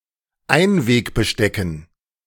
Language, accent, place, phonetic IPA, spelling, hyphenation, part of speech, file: German, Germany, Berlin, [ˈaɪ̯nveːkbəˌʃtɛkn̩], Einwegbestecken, Ein‧weg‧be‧ste‧cken, noun, De-Einwegbestecken.ogg
- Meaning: dative plural of Einwegbesteck